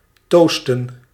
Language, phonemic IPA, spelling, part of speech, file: Dutch, /ˈtostə(n)/, toosten, verb / noun, Nl-toosten.ogg
- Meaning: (noun) plural of toost; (verb) to give a toast